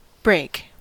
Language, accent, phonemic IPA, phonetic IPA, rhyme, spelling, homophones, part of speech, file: English, US, /bɹeɪk/, [bɹʷeɪ̯k], -eɪk, break, brake, verb / noun, En-us-break.ogg
- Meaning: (verb) To separate into two or more pieces, to fracture or crack, by a process that cannot easily be reversed for reassembly